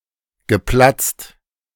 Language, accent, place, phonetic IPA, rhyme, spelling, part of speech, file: German, Germany, Berlin, [ɡəˈplat͡st], -at͡st, geplatzt, verb, De-geplatzt.ogg
- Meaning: past participle of platzen